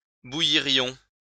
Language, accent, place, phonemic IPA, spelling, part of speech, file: French, France, Lyon, /bu.ji.ʁjɔ̃/, bouillirions, verb, LL-Q150 (fra)-bouillirions.wav
- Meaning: first-person plural conditional of bouillir